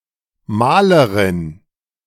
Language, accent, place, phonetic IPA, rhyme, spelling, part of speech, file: German, Germany, Berlin, [ˈmaːləʁɪn], -aːləʁɪn, Malerin, noun, De-Malerin.ogg
- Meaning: painter (female), paintress (dated)